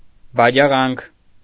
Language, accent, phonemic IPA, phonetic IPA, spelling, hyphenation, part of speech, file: Armenian, Eastern Armenian, /bɑd͡ʒɑˈʁɑnkʰ/, [bɑd͡ʒɑʁɑ́ŋkʰ], բաջաղանք, բա‧ջա‧ղանք, noun, Hy-բաջաղանք.ogg
- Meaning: sorcerous or delirious talk, nonsensical fables, garrulity, silly prattle, maundering, bagatelle